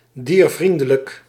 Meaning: animal-friendly, harmless to animals, heedful of animal welfare
- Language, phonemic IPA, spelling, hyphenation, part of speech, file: Dutch, /ˌdiːrˈvrin.də.lək/, diervriendelijk, dier‧vrien‧de‧lijk, adjective, Nl-diervriendelijk.ogg